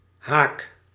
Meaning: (noun) 1. hook 2. bracket (for enclosing text or mathematical symbols) 3. shoal, sandbank; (verb) inflection of haken: first-person singular present indicative
- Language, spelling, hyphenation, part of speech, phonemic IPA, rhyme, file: Dutch, haak, haak, noun / verb, /ɦaːk/, -aːk, Nl-haak.ogg